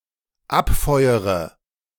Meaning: inflection of abfeuern: 1. first-person singular dependent present 2. first/third-person singular dependent subjunctive I
- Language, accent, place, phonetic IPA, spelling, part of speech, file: German, Germany, Berlin, [ˈapˌfɔɪ̯əʁə], abfeuere, verb, De-abfeuere.ogg